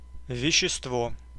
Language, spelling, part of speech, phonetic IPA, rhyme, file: Russian, вещество, noun, [vʲɪɕːɪstˈvo], -o, Ru-вещество.ogg
- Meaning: substance, material, matter